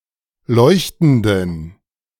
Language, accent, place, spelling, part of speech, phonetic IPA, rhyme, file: German, Germany, Berlin, leuchtenden, adjective, [ˈlɔɪ̯çtn̩dən], -ɔɪ̯çtn̩dən, De-leuchtenden.ogg
- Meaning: inflection of leuchtend: 1. strong genitive masculine/neuter singular 2. weak/mixed genitive/dative all-gender singular 3. strong/weak/mixed accusative masculine singular 4. strong dative plural